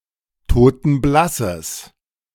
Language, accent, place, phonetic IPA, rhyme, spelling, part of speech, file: German, Germany, Berlin, [toːtn̩ˈblasəs], -asəs, totenblasses, adjective, De-totenblasses.ogg
- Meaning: strong/mixed nominative/accusative neuter singular of totenblass